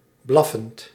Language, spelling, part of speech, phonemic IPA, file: Dutch, blaffend, verb, /ˈblɑfənt/, Nl-blaffend.ogg
- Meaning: present participle of blaffen